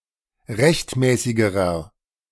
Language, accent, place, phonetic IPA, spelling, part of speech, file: German, Germany, Berlin, [ˈʁɛçtˌmɛːsɪɡəʁɐ], rechtmäßigerer, adjective, De-rechtmäßigerer.ogg
- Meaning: inflection of rechtmäßig: 1. strong/mixed nominative masculine singular comparative degree 2. strong genitive/dative feminine singular comparative degree 3. strong genitive plural comparative degree